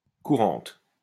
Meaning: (adjective) feminine singular of courant; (noun) 1. the runs (diarrhea) 2. courante (dance) 3. courante (music)
- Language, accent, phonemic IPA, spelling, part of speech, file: French, France, /ku.ʁɑ̃t/, courante, adjective / noun, LL-Q150 (fra)-courante.wav